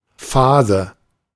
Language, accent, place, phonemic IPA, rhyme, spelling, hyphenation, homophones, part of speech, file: German, Germany, Berlin, /ˈfaːzə/, -aːzə, Phase, Pha‧se, fase / Fase, noun, De-Phase.ogg
- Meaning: 1. phase, stage, period 2. phase (one of the power-carrying conductors); line conductor